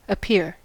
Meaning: 1. To come or be in sight; to be in view; to become visible 2. To come before the public
- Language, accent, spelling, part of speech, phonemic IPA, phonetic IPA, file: English, US, appear, verb, /əˈpɪɹ/, [əˈpʰɪɹ], En-us-appear.ogg